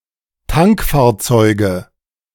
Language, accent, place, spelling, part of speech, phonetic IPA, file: German, Germany, Berlin, Tankfahrzeuge, noun, [ˈtaŋkfaːɐ̯ˌt͡sɔɪ̯ɡə], De-Tankfahrzeuge.ogg
- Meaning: nominative/accusative/genitive plural of Tankfahrzeug